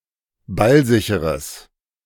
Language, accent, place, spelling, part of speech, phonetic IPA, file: German, Germany, Berlin, ballsicheres, adjective, [ˈbalˌzɪçəʁəs], De-ballsicheres.ogg
- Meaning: strong/mixed nominative/accusative neuter singular of ballsicher